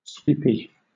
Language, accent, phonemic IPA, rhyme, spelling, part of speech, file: English, Southern England, /ˈswiːpi/, -iːpi, sweepy, adjective / noun, LL-Q1860 (eng)-sweepy.wav
- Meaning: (adjective) Moving with a sweeping motion, or having a curving shape that suggests it